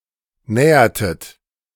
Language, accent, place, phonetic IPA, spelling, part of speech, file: German, Germany, Berlin, [ˈnɛːɐtət], nähertet, verb, De-nähertet.ogg
- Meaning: inflection of nähern: 1. second-person plural preterite 2. second-person plural subjunctive II